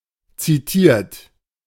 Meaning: 1. past participle of zitieren 2. inflection of zitieren: third-person singular present 3. inflection of zitieren: second-person plural present 4. inflection of zitieren: plural imperative
- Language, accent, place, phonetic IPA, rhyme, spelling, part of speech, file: German, Germany, Berlin, [ˌt͡siˈtiːɐ̯t], -iːɐ̯t, zitiert, verb, De-zitiert.ogg